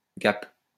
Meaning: 1. gap 2. gap (difference)
- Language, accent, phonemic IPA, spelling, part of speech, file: French, France, /ɡap/, gap, noun, LL-Q150 (fra)-gap.wav